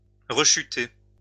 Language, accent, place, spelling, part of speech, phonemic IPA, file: French, France, Lyon, rechuter, verb, /ʁə.ʃy.te/, LL-Q150 (fra)-rechuter.wav
- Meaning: to relapse, to recur